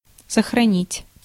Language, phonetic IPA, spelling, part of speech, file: Russian, [səxrɐˈnʲitʲ], сохранить, verb, Ru-сохранить.ogg
- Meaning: 1. to save (to write a file to a disk) 2. to preserve, to conserve 3. to retain